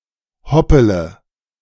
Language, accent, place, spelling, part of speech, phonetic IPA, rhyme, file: German, Germany, Berlin, hoppele, verb, [ˈhɔpələ], -ɔpələ, De-hoppele.ogg
- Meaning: inflection of hoppeln: 1. first-person singular present 2. first-person plural subjunctive I 3. third-person singular subjunctive I 4. singular imperative